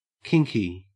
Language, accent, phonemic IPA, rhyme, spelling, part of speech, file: English, Australia, /ˈkɪŋki/, -ɪŋki, kinky, adjective, En-au-kinky.ogg
- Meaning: 1. Full of kinks; liable to kink or curl 2. Marked by unconventional sexual preferences or behavior, as fetishism, sadomasochism, and other sexual practices 3. Queer; eccentric; crotchety